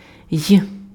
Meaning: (character) The fourteenth letter of the Ukrainian alphabet, called йот (jot) or й (j) and written in the Cyrillic script; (conjunction) and
- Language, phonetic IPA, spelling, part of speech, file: Ukrainian, [j], й, character / conjunction, Uk-й.ogg